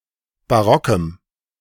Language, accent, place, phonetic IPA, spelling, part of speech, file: German, Germany, Berlin, [baˈʁɔkəm], barockem, adjective, De-barockem.ogg
- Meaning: strong dative masculine/neuter singular of barock